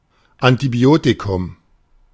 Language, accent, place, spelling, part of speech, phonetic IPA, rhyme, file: German, Germany, Berlin, Antibiotikum, noun, [antiˈbi̯oːtikʊm], -oːtikʊm, De-Antibiotikum.ogg
- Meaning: antibiotic